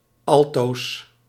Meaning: plural of alto
- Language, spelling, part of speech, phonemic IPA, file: Dutch, alto's, noun, /ˈɑltos/, Nl-alto's.ogg